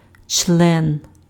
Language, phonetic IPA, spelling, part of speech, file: Ukrainian, [t͡ʃɫɛn], член, noun, Uk-член.ogg
- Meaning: 1. member, limb 2. penis 3. member